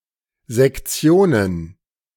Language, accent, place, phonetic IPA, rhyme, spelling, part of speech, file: German, Germany, Berlin, [zɛkˈt͡si̯oːnən], -oːnən, Sektionen, noun, De-Sektionen.ogg
- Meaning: plural of Sektion